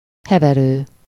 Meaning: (verb) present participle of hever; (noun) couch, sofa, ottoman
- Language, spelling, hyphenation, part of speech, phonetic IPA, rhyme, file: Hungarian, heverő, he‧ve‧rő, verb / noun, [ˈhɛvɛrøː], -røː, Hu-heverő.ogg